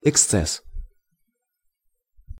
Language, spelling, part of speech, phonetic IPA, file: Russian, эксцесс, noun, [ɪkˈst͡sɛs], Ru-эксцесс.ogg
- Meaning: 1. extreme manifestation of something, incident or abnormality 2. excess